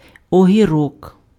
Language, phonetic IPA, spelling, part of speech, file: Ukrainian, [ɔɦʲiˈrɔk], огірок, noun, Uk-огірок.ogg
- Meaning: cucumber (plant)